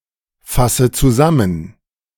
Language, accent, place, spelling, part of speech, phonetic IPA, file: German, Germany, Berlin, fasse zusammen, verb, [ˌfasə t͡suˈzamən], De-fasse zusammen.ogg
- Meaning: inflection of zusammenfassen: 1. first-person singular present 2. first/third-person singular subjunctive I 3. singular imperative